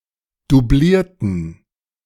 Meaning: inflection of dublieren: 1. first/third-person plural preterite 2. first/third-person plural subjunctive II
- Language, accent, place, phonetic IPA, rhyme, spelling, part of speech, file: German, Germany, Berlin, [duˈbliːɐ̯tn̩], -iːɐ̯tn̩, dublierten, adjective / verb, De-dublierten.ogg